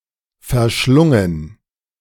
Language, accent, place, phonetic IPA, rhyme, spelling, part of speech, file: German, Germany, Berlin, [fɛɐ̯ˈʃlʊŋən], -ʊŋən, verschlungen, verb, De-verschlungen.ogg
- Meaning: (verb) past participle of verschlingen; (adjective) 1. devoured, engulfed, consumed 2. convoluted, entwined, winding, labyrinthine